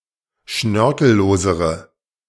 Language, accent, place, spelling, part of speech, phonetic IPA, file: German, Germany, Berlin, schnörkellosere, adjective, [ˈʃnœʁkl̩ˌloːzəʁə], De-schnörkellosere.ogg
- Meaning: inflection of schnörkellos: 1. strong/mixed nominative/accusative feminine singular comparative degree 2. strong nominative/accusative plural comparative degree